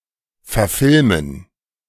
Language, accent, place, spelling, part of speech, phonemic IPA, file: German, Germany, Berlin, verfilmen, verb, /fɛɐ̯ˈfɪlmən/, De-verfilmen.ogg
- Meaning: to make a film of